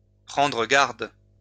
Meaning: 1. to be careful, to take care 2. to be careful of, to look out for, to watch out for, to pay attention to
- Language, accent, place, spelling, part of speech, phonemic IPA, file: French, France, Lyon, prendre garde, verb, /pʁɑ̃.dʁə ɡaʁd/, LL-Q150 (fra)-prendre garde.wav